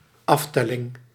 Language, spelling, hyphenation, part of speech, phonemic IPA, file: Dutch, aftelling, af‧tel‧ling, noun, /ˈɑfˌtɛ.lɪŋ/, Nl-aftelling.ogg
- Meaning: 1. countdown 2. enumeration